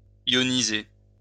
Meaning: to ionize
- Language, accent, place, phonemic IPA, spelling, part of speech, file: French, France, Lyon, /jɔ.ni.ze/, ioniser, verb, LL-Q150 (fra)-ioniser.wav